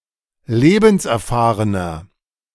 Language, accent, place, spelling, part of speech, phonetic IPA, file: German, Germany, Berlin, lebenserfahrener, adjective, [ˈleːbn̩sʔɛɐ̯ˌfaːʁənɐ], De-lebenserfahrener.ogg
- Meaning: 1. comparative degree of lebenserfahren 2. inflection of lebenserfahren: strong/mixed nominative masculine singular 3. inflection of lebenserfahren: strong genitive/dative feminine singular